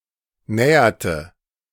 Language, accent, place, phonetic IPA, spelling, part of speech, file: German, Germany, Berlin, [ˈnɛːɐtə], näherte, verb, De-näherte.ogg
- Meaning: inflection of nähern: 1. first/third-person singular preterite 2. first/third-person singular subjunctive II